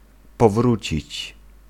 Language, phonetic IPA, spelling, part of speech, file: Polish, [pɔˈvrut͡ɕit͡ɕ], powrócić, verb, Pl-powrócić.ogg